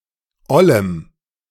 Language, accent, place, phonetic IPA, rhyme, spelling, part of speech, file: German, Germany, Berlin, [ˈɔləm], -ɔləm, ollem, adjective, De-ollem.ogg
- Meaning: strong dative masculine/neuter singular of oll